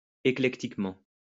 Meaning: eclectically
- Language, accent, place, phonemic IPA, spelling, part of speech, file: French, France, Lyon, /e.klɛk.tik.mɑ̃/, éclectiquement, adverb, LL-Q150 (fra)-éclectiquement.wav